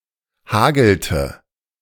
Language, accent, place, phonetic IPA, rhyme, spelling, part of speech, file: German, Germany, Berlin, [ˈhaːɡl̩tə], -aːɡl̩tə, hagelte, verb, De-hagelte.ogg
- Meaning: inflection of hageln: 1. third-person singular preterite 2. third-person singular subjunctive II